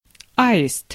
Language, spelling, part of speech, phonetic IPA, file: Russian, аист, noun, [ˈaɪst], Ru-аист.ogg
- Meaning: stork